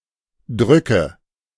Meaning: nominative/accusative/genitive plural of Druck
- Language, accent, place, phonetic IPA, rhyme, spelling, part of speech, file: German, Germany, Berlin, [ˈdʁʏkə], -ʏkə, Drücke, noun, De-Drücke.ogg